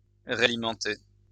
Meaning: to replenish
- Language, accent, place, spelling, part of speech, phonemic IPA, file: French, France, Lyon, réalimenter, verb, /ʁe.a.li.mɑ̃.te/, LL-Q150 (fra)-réalimenter.wav